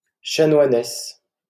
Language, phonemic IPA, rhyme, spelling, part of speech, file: French, /ʃa.nwa.nɛs/, -ɛs, chanoinesse, noun, LL-Q150 (fra)-chanoinesse.wav
- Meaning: female equivalent of chanoine: canoness (female canon)